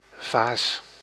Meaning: vase, decorative pot or glass often used for containing severed branches or stems with flowers
- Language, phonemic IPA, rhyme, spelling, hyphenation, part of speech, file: Dutch, /vaːs/, -aːs, vaas, vaas, noun, Nl-vaas.ogg